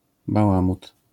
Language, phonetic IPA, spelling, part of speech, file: Polish, [baˈwãmut], bałamut, noun, LL-Q809 (pol)-bałamut.wav